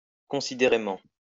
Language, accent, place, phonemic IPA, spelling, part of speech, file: French, France, Lyon, /kɔ̃.si.de.ʁe.mɑ̃/, considérément, adverb, LL-Q150 (fra)-considérément.wav
- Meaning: prudently